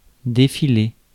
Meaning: 1. to parade or march 2. to appear one after the other 3. to unfold; to happen 4. to scroll 5. to slip away or off 6. to weasel out of something; to cop out 7. to undo thread that has been spun
- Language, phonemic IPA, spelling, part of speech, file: French, /de.fi.le/, défiler, verb, Fr-défiler.ogg